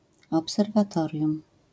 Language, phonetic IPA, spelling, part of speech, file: Polish, [ˌɔpsɛrvaˈtɔrʲjũm], obserwatorium, noun, LL-Q809 (pol)-obserwatorium.wav